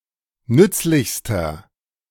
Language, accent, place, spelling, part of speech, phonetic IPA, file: German, Germany, Berlin, nützlichster, adjective, [ˈnʏt͡slɪçstɐ], De-nützlichster.ogg
- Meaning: inflection of nützlich: 1. strong/mixed nominative masculine singular superlative degree 2. strong genitive/dative feminine singular superlative degree 3. strong genitive plural superlative degree